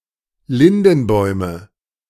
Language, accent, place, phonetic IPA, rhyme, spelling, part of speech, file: German, Germany, Berlin, [ˈlɪndn̩ˌbɔɪ̯mə], -ɪndn̩bɔɪ̯mə, Lindenbäume, noun, De-Lindenbäume.ogg
- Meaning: nominative/accusative/genitive plural of Lindenbaum